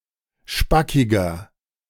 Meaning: 1. comparative degree of spackig 2. inflection of spackig: strong/mixed nominative masculine singular 3. inflection of spackig: strong genitive/dative feminine singular
- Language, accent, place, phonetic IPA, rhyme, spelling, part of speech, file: German, Germany, Berlin, [ˈʃpakɪɡɐ], -akɪɡɐ, spackiger, adjective, De-spackiger.ogg